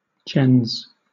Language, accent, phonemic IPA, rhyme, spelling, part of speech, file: English, Southern England, /d͡ʒɛnz/, -ɛnz, gens, noun, LL-Q1860 (eng)-gens.wav